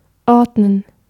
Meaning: to put in order, to order, to arrange
- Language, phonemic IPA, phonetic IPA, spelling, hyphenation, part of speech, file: German, /ˈɔʁdnən/, [ˈʔɔʁdnən], ordnen, ord‧nen, verb, De-ordnen.ogg